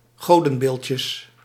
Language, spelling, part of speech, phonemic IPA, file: Dutch, godenbeeldjes, noun, /ˈɣodə(n)ˌbelcəs/, Nl-godenbeeldjes.ogg
- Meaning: plural of godenbeeldje